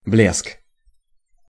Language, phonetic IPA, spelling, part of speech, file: Russian, [blʲesk], блеск, noun, Ru-блеск.ogg
- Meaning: brilliance, glitter, lustre, shine